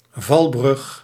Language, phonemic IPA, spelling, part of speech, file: Dutch, /ˈvɑlbrʏx/, valbrug, noun, Nl-valbrug.ogg
- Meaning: drawbridge